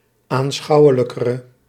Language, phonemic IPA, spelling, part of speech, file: Dutch, /anˈsxɑuwələkərə/, aanschouwelijkere, adjective, Nl-aanschouwelijkere.ogg
- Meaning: inflection of aanschouwelijker, the comparative degree of aanschouwelijk: 1. masculine/feminine singular attributive 2. definite neuter singular attributive 3. plural attributive